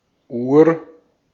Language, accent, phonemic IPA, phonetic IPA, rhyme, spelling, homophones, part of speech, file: German, Austria, /uːr/, [ʔuːɐ̯], -uːɐ̯, Uhr, ur- / Ur, noun, De-at-Uhr.ogg
- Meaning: 1. hours, o'clock (indicates the time within a twelve- or twenty-four-hour period) 2. clock, watch (instrument used to measure or keep track of time)